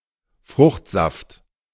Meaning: fruit juice
- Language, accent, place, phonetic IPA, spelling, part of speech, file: German, Germany, Berlin, [ˈfʁʊxtˌzaft], Fruchtsaft, noun, De-Fruchtsaft.ogg